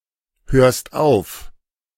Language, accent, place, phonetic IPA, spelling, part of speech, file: German, Germany, Berlin, [ˌhøːɐ̯st ˈaʊ̯f], hörst auf, verb, De-hörst auf.ogg
- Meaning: second-person singular present of aufhören